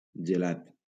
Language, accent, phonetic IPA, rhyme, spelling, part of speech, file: Catalan, Valencia, [d͡ʒeˈlat], -at, gelat, adjective / noun / verb, LL-Q7026 (cat)-gelat.wav
- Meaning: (adjective) frozen; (noun) ice cream; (verb) past participle of gelar